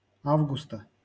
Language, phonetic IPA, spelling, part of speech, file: Russian, [ˈavɡʊstə], августа, noun, LL-Q7737 (rus)-августа.wav
- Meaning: genitive singular of а́вгуст (ávgust)